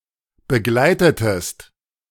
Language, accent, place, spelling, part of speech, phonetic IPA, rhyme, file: German, Germany, Berlin, begleitetest, verb, [bəˈɡlaɪ̯tətəst], -aɪ̯tətəst, De-begleitetest.ogg
- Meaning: inflection of begleiten: 1. second-person singular preterite 2. second-person singular subjunctive II